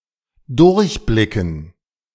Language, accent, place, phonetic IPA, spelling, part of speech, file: German, Germany, Berlin, [ˈdʊʁçˌblɪkn̩], durchblicken, verb, De-durchblicken.ogg
- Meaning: 1. to look through 2. to understand